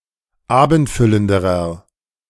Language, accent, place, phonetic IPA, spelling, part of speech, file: German, Germany, Berlin, [ˈaːbn̩tˌfʏləndəʁɐ], abendfüllenderer, adjective, De-abendfüllenderer.ogg
- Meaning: inflection of abendfüllend: 1. strong/mixed nominative masculine singular comparative degree 2. strong genitive/dative feminine singular comparative degree 3. strong genitive plural comparative degree